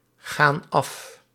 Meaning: inflection of afgaan: 1. plural present indicative 2. plural present subjunctive
- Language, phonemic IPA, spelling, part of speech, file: Dutch, /ˈɣan ˈɑf/, gaan af, verb, Nl-gaan af.ogg